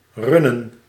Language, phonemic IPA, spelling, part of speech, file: Dutch, /ˈrʏ.nə(n)/, runnen, verb, Nl-runnen.ogg
- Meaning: to run (a business or household)